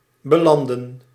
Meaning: to end up
- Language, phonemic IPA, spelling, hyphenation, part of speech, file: Dutch, /bəˈlɑndə(n)/, belanden, be‧lan‧den, verb, Nl-belanden.ogg